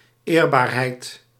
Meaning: respectability, decency
- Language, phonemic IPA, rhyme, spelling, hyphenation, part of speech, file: Dutch, /ˈeːrˌbaːr.ɦɛi̯t/, -eːrbaːrɦɛi̯t, eerbaarheid, eer‧baar‧heid, noun, Nl-eerbaarheid.ogg